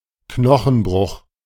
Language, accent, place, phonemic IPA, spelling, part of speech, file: German, Germany, Berlin, /ˈknɔxn̩ˌbʁʊx/, Knochenbruch, noun, De-Knochenbruch.ogg
- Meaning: fracture (of a bone)